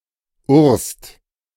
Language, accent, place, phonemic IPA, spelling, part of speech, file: German, Germany, Berlin, /uːɐ̯st/, urst, adjective, De-urst.ogg
- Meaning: great, cool (used as an intensifying epithet)